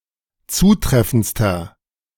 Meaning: inflection of zutreffend: 1. strong/mixed nominative masculine singular superlative degree 2. strong genitive/dative feminine singular superlative degree 3. strong genitive plural superlative degree
- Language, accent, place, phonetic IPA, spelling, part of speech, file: German, Germany, Berlin, [ˈt͡suːˌtʁɛfn̩t͡stɐ], zutreffendster, adjective, De-zutreffendster.ogg